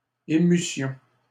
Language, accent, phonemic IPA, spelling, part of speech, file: French, Canada, /e.my.sjɔ̃/, émussions, verb, LL-Q150 (fra)-émussions.wav
- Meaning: first-person plural imperfect subjunctive of émouvoir